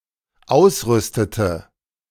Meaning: inflection of ausrüsten: 1. first/third-person singular dependent preterite 2. first/third-person singular dependent subjunctive II
- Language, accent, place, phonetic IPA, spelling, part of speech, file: German, Germany, Berlin, [ˈaʊ̯sˌʁʏstətə], ausrüstete, verb, De-ausrüstete.ogg